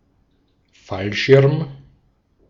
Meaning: parachute
- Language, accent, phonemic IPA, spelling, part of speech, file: German, Austria, /ˈfalˌʃɪʁm/, Fallschirm, noun, De-at-Fallschirm.ogg